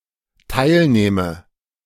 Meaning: inflection of teilnehmen: 1. first-person singular dependent present 2. first/third-person singular dependent subjunctive I
- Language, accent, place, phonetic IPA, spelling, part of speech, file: German, Germany, Berlin, [ˈtaɪ̯lˌneːmə], teilnehme, verb, De-teilnehme.ogg